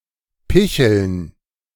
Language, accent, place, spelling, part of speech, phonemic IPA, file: German, Germany, Berlin, picheln, verb, /ˈpɪçəln/, De-picheln.ogg
- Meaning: to tipple (to drink alcohol regularly, but not to excess)